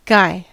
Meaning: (noun) 1. An effigy of a man burned on a bonfire on the anniversary of the Gunpowder Plot (5th November) 2. A person of eccentric appearance or dress; a "fright" 3. A man or boy; a fellow
- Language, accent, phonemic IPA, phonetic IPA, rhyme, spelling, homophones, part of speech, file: English, US, /ɡaɪ/, [ɡaɪ], -aɪ, guy, Guy, noun / verb, En-us-guy.ogg